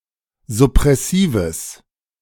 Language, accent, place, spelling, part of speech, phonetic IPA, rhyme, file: German, Germany, Berlin, suppressives, adjective, [zʊpʁɛˈsiːvəs], -iːvəs, De-suppressives.ogg
- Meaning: strong/mixed nominative/accusative neuter singular of suppressiv